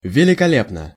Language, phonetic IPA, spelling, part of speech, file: Russian, [vʲɪlʲɪkɐˈlʲepnə], великолепно, adverb / adjective, Ru-великолепно.ogg
- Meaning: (adverb) magnificently, marvelously, splendidly; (adjective) short neuter singular of великоле́пный (velikolépnyj)